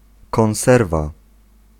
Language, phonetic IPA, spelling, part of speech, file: Polish, [kɔ̃w̃ˈsɛrva], konserwa, noun, Pl-konserwa.ogg